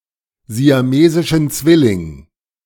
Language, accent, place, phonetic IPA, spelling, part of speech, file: German, Germany, Berlin, [zi̯aˈmeːzɪʃn̩ ˈt͡svɪlɪŋ], siamesischen Zwilling, noun, De-siamesischen Zwilling.ogg
- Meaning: genitive singular of siamesischer Zwilling